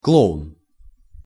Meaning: 1. clown 2. irresponsible person, who states unfounded claims, often thoughtless or careless
- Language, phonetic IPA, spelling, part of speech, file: Russian, [ˈkɫoʊn], клоун, noun, Ru-клоун.ogg